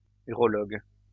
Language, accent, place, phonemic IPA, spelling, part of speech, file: French, France, Lyon, /y.ʁɔ.lɔɡ/, urologue, noun, LL-Q150 (fra)-urologue.wav
- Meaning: urologist